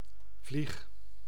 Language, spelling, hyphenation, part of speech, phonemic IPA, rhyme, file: Dutch, vlieg, vlieg, noun / verb, /vlix/, -ix, Nl-vlieg.ogg
- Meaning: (noun) a fly; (verb) inflection of vliegen: 1. first-person singular present indicative 2. second-person singular present indicative 3. imperative